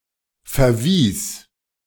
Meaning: first/third-person singular preterite of verweisen
- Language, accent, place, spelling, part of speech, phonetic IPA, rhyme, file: German, Germany, Berlin, verwies, verb, [fɛɐ̯ˈviːs], -iːs, De-verwies.ogg